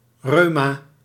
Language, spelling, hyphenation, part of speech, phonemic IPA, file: Dutch, reuma, reu‧ma, noun, /ˈrøː.maː/, Nl-reuma.ogg
- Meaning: rheumatism